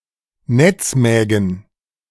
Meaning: genitive singular of Netzmagen
- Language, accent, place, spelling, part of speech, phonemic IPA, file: German, Germany, Berlin, Netzmägen, noun, /ˈnɛt͡sˌmɛːɡn̩/, De-Netzmägen.ogg